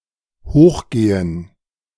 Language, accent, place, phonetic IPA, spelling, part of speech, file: German, Germany, Berlin, [ˈhoːxˌɡeːən], hochgehen, verb, De-hochgehen.ogg
- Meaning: 1. to go high; to ascend 2. to explode